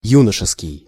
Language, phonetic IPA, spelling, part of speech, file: Russian, [ˈjunəʂɨskʲɪj], юношеский, adjective, Ru-юношеский.ogg
- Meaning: 1. youthful, young 2. teenage, teen 3. adolescent (characteristic of adolescence) 4. junior 5. juvenile